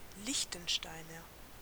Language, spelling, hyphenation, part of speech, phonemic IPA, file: German, Liechtensteiner, Liech‧ten‧stei‧ner, noun / adjective, /ˈlɪçtn̩ˌʃtaɪ̯nɐ/, De-Liechtensteiner.ogg
- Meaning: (noun) Liechtensteiner (a native or inhabitant of Liechtenstein); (adjective) of Liechtenstein